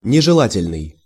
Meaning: undesirable, unwanted, objectionable
- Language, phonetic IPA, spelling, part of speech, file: Russian, [nʲɪʐɨˈɫatʲɪlʲnɨj], нежелательный, adjective, Ru-нежелательный.ogg